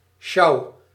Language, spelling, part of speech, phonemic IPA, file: Dutch, sjouw, noun / verb, /ʃɑu/, Nl-sjouw.ogg
- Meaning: inflection of sjouwen: 1. first-person singular present indicative 2. second-person singular present indicative 3. imperative